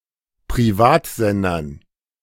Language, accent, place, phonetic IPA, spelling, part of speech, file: German, Germany, Berlin, [pʁiˈvaːtˌzɛndɐn], Privatsendern, noun, De-Privatsendern.ogg
- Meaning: dative plural of Privatsender